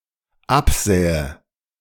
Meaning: first/third-person singular dependent subjunctive II of absehen
- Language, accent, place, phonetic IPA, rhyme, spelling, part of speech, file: German, Germany, Berlin, [ˈapˌzɛːə], -apzɛːə, absähe, verb, De-absähe.ogg